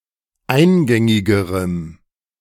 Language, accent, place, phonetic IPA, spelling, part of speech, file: German, Germany, Berlin, [ˈaɪ̯nˌɡɛŋɪɡəʁəm], eingängigerem, adjective, De-eingängigerem.ogg
- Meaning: strong dative masculine/neuter singular comparative degree of eingängig